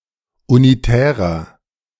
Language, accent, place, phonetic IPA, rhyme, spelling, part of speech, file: German, Germany, Berlin, [uniˈtɛːʁɐ], -ɛːʁɐ, unitärer, adjective, De-unitärer.ogg
- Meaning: 1. comparative degree of unitär 2. inflection of unitär: strong/mixed nominative masculine singular 3. inflection of unitär: strong genitive/dative feminine singular